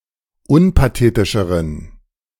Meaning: inflection of unpathetisch: 1. strong genitive masculine/neuter singular comparative degree 2. weak/mixed genitive/dative all-gender singular comparative degree
- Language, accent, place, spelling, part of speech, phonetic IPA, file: German, Germany, Berlin, unpathetischeren, adjective, [ˈʊnpaˌteːtɪʃəʁən], De-unpathetischeren.ogg